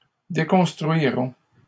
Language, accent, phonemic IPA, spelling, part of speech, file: French, Canada, /de.kɔ̃s.tʁɥi.ʁɔ̃/, déconstruirons, verb, LL-Q150 (fra)-déconstruirons.wav
- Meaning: first-person plural simple future of déconstruire